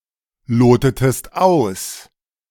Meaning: inflection of ausloten: 1. second-person singular preterite 2. second-person singular subjunctive II
- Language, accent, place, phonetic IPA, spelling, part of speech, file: German, Germany, Berlin, [ˌloːtətəst ˈaʊ̯s], lotetest aus, verb, De-lotetest aus.ogg